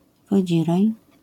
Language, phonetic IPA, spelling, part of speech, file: Polish, [vɔˈd͡ʑirɛj], wodzirej, noun, LL-Q809 (pol)-wodzirej.wav